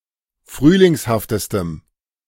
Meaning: strong dative masculine/neuter singular superlative degree of frühlingshaft
- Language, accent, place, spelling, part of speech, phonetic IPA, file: German, Germany, Berlin, frühlingshaftestem, adjective, [ˈfʁyːlɪŋshaftəstəm], De-frühlingshaftestem.ogg